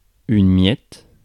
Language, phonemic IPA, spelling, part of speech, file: French, /mjɛt/, miette, noun, Fr-miette.ogg
- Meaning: crumb (of bread or cake)